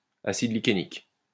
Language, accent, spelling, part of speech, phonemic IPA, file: French, France, acide lichénique, noun, /a.sid li.ke.nik/, LL-Q150 (fra)-acide lichénique.wav
- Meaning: lichenic acid